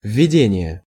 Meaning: 1. bringing in, leading in 2. preamble, preface, introduction, lead-in
- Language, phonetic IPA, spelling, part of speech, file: Russian, [vʲːɪˈdʲenʲɪje], введение, noun, Ru-введение.ogg